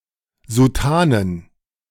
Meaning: plural of Soutane
- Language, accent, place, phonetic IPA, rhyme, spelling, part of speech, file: German, Germany, Berlin, [zuˈtaːnən], -aːnən, Soutanen, noun, De-Soutanen.ogg